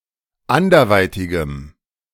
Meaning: strong dative masculine/neuter singular of anderweitig
- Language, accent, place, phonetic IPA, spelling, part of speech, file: German, Germany, Berlin, [ˈandɐˌvaɪ̯tɪɡəm], anderweitigem, adjective, De-anderweitigem.ogg